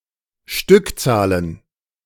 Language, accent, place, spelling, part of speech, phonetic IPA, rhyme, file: German, Germany, Berlin, Stückzahlen, noun, [ˈʃtʏkˌt͡saːlən], -ʏkt͡saːlən, De-Stückzahlen.ogg
- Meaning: plural of Stückzahl